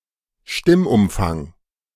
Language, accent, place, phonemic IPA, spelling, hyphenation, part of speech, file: German, Germany, Berlin, /ˈʃtɪm.ʊmfaŋ/, Stimmumfang, Stimm‧um‧fang, noun, De-Stimmumfang.ogg
- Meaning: vocal range, compass